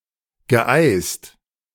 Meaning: past participle of eisen
- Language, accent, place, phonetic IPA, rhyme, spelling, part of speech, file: German, Germany, Berlin, [ɡəˈʔaɪ̯st], -aɪ̯st, geeist, verb, De-geeist.ogg